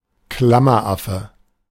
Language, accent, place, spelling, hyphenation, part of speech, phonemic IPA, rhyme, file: German, Germany, Berlin, Klammeraffe, Klam‧mer‧af‧fe, noun, /ˈkla.mɐ.ˌʔa.fə/, -afə, De-Klammeraffe.ogg
- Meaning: 1. spider monkey (Ateles) 2. stapler (device which binds together sheets of paper) 3. at sign (@)